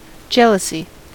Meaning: 1. A state of being jealous; a jealous attitude 2. A state of being jealous; a jealous attitude.: A close concern for someone or something, solicitude, vigilance
- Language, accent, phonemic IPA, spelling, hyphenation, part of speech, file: English, US, /ˈd͡ʒɛl.ə.si/, jealousy, jeal‧ous‧y, noun, En-us-jealousy.ogg